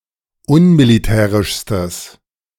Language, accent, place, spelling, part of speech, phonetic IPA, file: German, Germany, Berlin, unmilitärischstes, adjective, [ˈʊnmiliˌtɛːʁɪʃstəs], De-unmilitärischstes.ogg
- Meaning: strong/mixed nominative/accusative neuter singular superlative degree of unmilitärisch